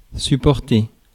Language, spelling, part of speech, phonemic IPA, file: French, supporter, verb, /sy.pɔʁ.te/, Fr-supporter.ogg
- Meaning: 1. to support 2. to bear